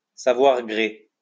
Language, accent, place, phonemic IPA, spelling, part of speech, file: French, France, Lyon, /sa.vwaʁ ɡʁe/, savoir gré, verb, LL-Q150 (fra)-savoir gré.wav
- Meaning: to be grateful